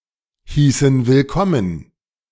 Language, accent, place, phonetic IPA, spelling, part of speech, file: German, Germany, Berlin, [ˌhiːsn̩ vɪlˈkɔmən], hießen willkommen, verb, De-hießen willkommen.ogg
- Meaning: inflection of willkommen heißen: 1. first/third-person plural preterite 2. first/third-person plural subjunctive II